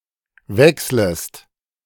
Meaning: second-person singular subjunctive I of wechseln
- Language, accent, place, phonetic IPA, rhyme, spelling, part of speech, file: German, Germany, Berlin, [ˈvɛksləst], -ɛksləst, wechslest, verb, De-wechslest.ogg